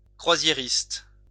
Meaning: 1. cruise passenger, passenger on a cruise ship 2. cruise tour operator
- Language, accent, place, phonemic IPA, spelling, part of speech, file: French, France, Lyon, /kʁwa.zje.ʁist/, croisiériste, noun, LL-Q150 (fra)-croisiériste.wav